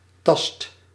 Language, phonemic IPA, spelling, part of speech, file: Dutch, /ˈtɑst/, tast, noun / verb, Nl-tast.ogg
- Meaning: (noun) touch (tactile sense); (verb) inflection of tasten: 1. first/second/third-person singular present indicative 2. imperative